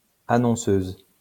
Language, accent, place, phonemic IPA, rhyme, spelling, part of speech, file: French, France, Lyon, /a.nɔ̃.søz/, -øz, annonceuse, noun, LL-Q150 (fra)-annonceuse.wav
- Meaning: female equivalent of annonceur